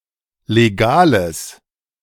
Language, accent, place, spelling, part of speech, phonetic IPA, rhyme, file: German, Germany, Berlin, legales, adjective, [leˈɡaːləs], -aːləs, De-legales.ogg
- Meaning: strong/mixed nominative/accusative neuter singular of legal